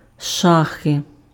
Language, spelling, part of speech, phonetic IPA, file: Ukrainian, шахи, noun, [ˈʃaxe], Uk-шахи.ogg
- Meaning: chess